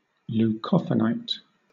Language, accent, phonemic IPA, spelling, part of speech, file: English, Southern England, /l(j)uːˈkɒfənaɪt/, leucophanite, noun, LL-Q1860 (eng)-leucophanite.wav
- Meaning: A sorosilicate mineral that occurs in pegmatites and alkali igneous complexes as yellow, greenish or white triclinic crystals